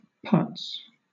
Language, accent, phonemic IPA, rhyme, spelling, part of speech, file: English, Southern England, /pʌts/, -ʌts, putz, noun / verb, LL-Q1860 (eng)-putz.wav
- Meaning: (noun) 1. A fool, an idiot 2. A jerk 3. The penis; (verb) To waste time